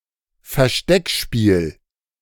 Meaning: hide and seek
- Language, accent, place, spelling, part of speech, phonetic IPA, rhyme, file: German, Germany, Berlin, Versteckspiel, noun, [fɛɐ̯ˈʃtɛkˌʃpiːl], -ɛkʃpiːl, De-Versteckspiel.ogg